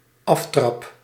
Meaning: 1. kickoff 2. kickoff, start, beginning
- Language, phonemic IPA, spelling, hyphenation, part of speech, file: Dutch, /ˈɑf.trɑp/, aftrap, af‧trap, noun, Nl-aftrap.ogg